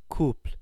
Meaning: 1. two partners in a romantic or sexual relationship 2. a force couple; a pure moment 3. an ordered pair 4. an accessory used to tightly attach two animals next to each other by the neck
- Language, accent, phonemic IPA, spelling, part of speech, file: French, France, /kupl/, couple, noun, Fr-fr-couple.ogg